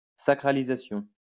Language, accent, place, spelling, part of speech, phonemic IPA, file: French, France, Lyon, sacralisation, noun, /sa.kʁa.li.za.sjɔ̃/, LL-Q150 (fra)-sacralisation.wav
- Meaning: sacralization